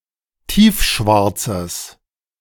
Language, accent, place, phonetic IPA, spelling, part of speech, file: German, Germany, Berlin, [ˈtiːfˌʃvaʁt͡səs], tiefschwarzes, adjective, De-tiefschwarzes.ogg
- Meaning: strong/mixed nominative/accusative neuter singular of tiefschwarz